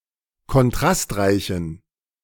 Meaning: inflection of kontrastreich: 1. strong genitive masculine/neuter singular 2. weak/mixed genitive/dative all-gender singular 3. strong/weak/mixed accusative masculine singular 4. strong dative plural
- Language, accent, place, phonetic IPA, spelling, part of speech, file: German, Germany, Berlin, [kɔnˈtʁastˌʁaɪ̯çn̩], kontrastreichen, adjective, De-kontrastreichen.ogg